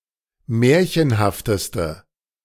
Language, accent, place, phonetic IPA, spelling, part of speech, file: German, Germany, Berlin, [ˈmɛːɐ̯çənhaftəstə], märchenhafteste, adjective, De-märchenhafteste.ogg
- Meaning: inflection of märchenhaft: 1. strong/mixed nominative/accusative feminine singular superlative degree 2. strong nominative/accusative plural superlative degree